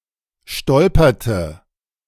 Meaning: inflection of stolpern: 1. first/third-person singular preterite 2. first/third-person singular subjunctive II
- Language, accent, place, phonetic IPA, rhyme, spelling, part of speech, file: German, Germany, Berlin, [ˈʃtɔlpɐtə], -ɔlpɐtə, stolperte, verb, De-stolperte.ogg